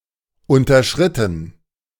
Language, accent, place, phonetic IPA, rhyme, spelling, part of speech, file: German, Germany, Berlin, [ˌʊntɐˈʃʁɪtn̩], -ɪtn̩, unterschritten, verb, De-unterschritten.ogg
- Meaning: past participle of unterschreiten